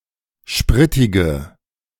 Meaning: inflection of spritig: 1. strong/mixed nominative/accusative feminine singular 2. strong nominative/accusative plural 3. weak nominative all-gender singular 4. weak accusative feminine/neuter singular
- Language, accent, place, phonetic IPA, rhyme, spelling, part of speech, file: German, Germany, Berlin, [ˈʃpʁɪtɪɡə], -ɪtɪɡə, spritige, adjective, De-spritige.ogg